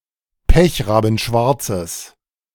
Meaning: strong/mixed nominative/accusative neuter singular of pechrabenschwarz
- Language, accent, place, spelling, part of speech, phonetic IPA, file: German, Germany, Berlin, pechrabenschwarzes, adjective, [ˈpɛçʁaːbn̩ˌʃvaʁt͡səs], De-pechrabenschwarzes.ogg